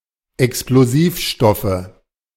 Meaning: nominative/accusative/genitive plural of Explosivstoff
- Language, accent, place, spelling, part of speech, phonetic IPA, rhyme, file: German, Germany, Berlin, Explosivstoffe, noun, [ɛksploˈziːfˌʃtɔfə], -iːfʃtɔfə, De-Explosivstoffe.ogg